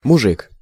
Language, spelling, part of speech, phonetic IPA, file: Russian, мужик, noun, [mʊˈʐɨk], Ru-мужик.ogg
- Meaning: 1. man (male person); (UK) bloke, (US) dude, fella, guy 2. husband 3. a man as a bearer of masculine qualities; man, macho man, real man 4. Term of address for men to each other